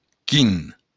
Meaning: 1. which 2. what
- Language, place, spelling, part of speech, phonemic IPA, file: Occitan, Béarn, quin, adjective, /kin/, LL-Q14185 (oci)-quin.wav